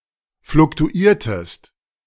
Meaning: inflection of fluktuieren: 1. second-person singular preterite 2. second-person singular subjunctive II
- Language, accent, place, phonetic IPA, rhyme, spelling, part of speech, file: German, Germany, Berlin, [flʊktuˈiːɐ̯təst], -iːɐ̯təst, fluktuiertest, verb, De-fluktuiertest.ogg